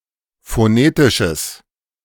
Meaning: strong/mixed nominative/accusative neuter singular of phonetisch
- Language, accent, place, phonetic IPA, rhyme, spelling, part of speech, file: German, Germany, Berlin, [foˈneːtɪʃəs], -eːtɪʃəs, phonetisches, adjective, De-phonetisches.ogg